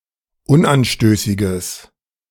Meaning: strong/mixed nominative/accusative neuter singular of unanstößig
- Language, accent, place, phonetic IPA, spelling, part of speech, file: German, Germany, Berlin, [ˈʊnʔanˌʃtøːsɪɡəs], unanstößiges, adjective, De-unanstößiges.ogg